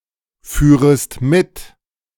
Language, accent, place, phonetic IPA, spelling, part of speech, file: German, Germany, Berlin, [ˌfyːʁəst ˈmɪt], führest mit, verb, De-führest mit.ogg
- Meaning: second-person singular subjunctive II of mitfahren